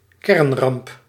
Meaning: nuclear disaster
- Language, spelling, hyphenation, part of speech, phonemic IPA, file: Dutch, kernramp, kern‧ramp, noun, /ˈkɛrn.rɑmp/, Nl-kernramp.ogg